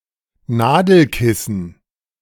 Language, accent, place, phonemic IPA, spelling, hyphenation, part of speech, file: German, Germany, Berlin, /ˈnaːdl̩ˌkɪsn̩/, Nadelkissen, Na‧del‧kis‧sen, noun, De-Nadelkissen.ogg
- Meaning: pincushion